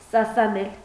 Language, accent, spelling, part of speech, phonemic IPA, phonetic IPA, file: Armenian, Eastern Armenian, սասանել, verb, /sɑsɑˈnel/, [sɑsɑnél], Hy-սասանել.ogg
- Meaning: 1. to shake, to move 2. to destroy, to ruin 3. to disrupt, to confuse, to weaken 4. to be shaken, to be moved 5. to tremble, to shake, to freeze (from fear)